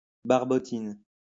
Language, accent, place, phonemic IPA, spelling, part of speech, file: French, France, Lyon, /baʁ.bɔ.tin/, barbotine, noun, LL-Q150 (fra)-barbotine.wav
- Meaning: 1. slip (mixture of clay and water) 2. a slushie